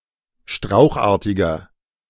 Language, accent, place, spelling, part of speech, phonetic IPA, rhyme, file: German, Germany, Berlin, strauchartiger, adjective, [ˈʃtʁaʊ̯xˌʔaːɐ̯tɪɡɐ], -aʊ̯xʔaːɐ̯tɪɡɐ, De-strauchartiger.ogg
- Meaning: 1. comparative degree of strauchartig 2. inflection of strauchartig: strong/mixed nominative masculine singular 3. inflection of strauchartig: strong genitive/dative feminine singular